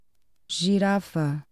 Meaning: 1. giraffe (any animal of the genus Giraffa) 2. giraffid (any animal of the Giraffidae family) 3. giraffe (very tall or long-necked individual)
- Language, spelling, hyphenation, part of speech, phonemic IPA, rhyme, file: Portuguese, girafa, gi‧ra‧fa, noun, /ʒiˈɾa.fɐ/, -afɐ, Pt-girafa.oga